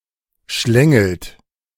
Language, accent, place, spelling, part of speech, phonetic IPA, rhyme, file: German, Germany, Berlin, schlängelt, verb, [ˈʃlɛŋl̩t], -ɛŋl̩t, De-schlängelt.ogg
- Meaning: inflection of schlängeln: 1. third-person singular present 2. second-person plural present 3. plural imperative